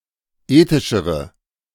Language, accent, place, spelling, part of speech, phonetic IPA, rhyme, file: German, Germany, Berlin, ethischere, adjective, [ˈeːtɪʃəʁə], -eːtɪʃəʁə, De-ethischere.ogg
- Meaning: inflection of ethisch: 1. strong/mixed nominative/accusative feminine singular comparative degree 2. strong nominative/accusative plural comparative degree